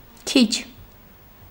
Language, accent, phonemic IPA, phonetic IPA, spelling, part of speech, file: Armenian, Eastern Armenian, /kʰit͡ʃʰ/, [kʰit͡ʃʰ], քիչ, adjective / adverb / noun, Hy-քիչ.ogg
- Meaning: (adjective) 1. few 2. small, little; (adverb) little; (noun) the little